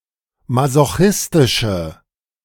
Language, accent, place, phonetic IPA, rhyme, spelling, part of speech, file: German, Germany, Berlin, [mazoˈxɪstɪʃə], -ɪstɪʃə, masochistische, adjective, De-masochistische.ogg
- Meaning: inflection of masochistisch: 1. strong/mixed nominative/accusative feminine singular 2. strong nominative/accusative plural 3. weak nominative all-gender singular